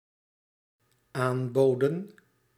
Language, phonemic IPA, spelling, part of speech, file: Dutch, /ˈambodə(n)/, aanboden, verb, Nl-aanboden.ogg
- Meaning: inflection of aanbieden: 1. plural dependent-clause past indicative 2. plural dependent-clause past subjunctive